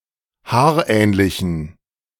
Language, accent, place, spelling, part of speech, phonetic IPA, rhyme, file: German, Germany, Berlin, haarähnlichen, adjective, [ˈhaːɐ̯ˌʔɛːnlɪçn̩], -aːɐ̯ʔɛːnlɪçn̩, De-haarähnlichen.ogg
- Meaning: inflection of haarähnlich: 1. strong genitive masculine/neuter singular 2. weak/mixed genitive/dative all-gender singular 3. strong/weak/mixed accusative masculine singular 4. strong dative plural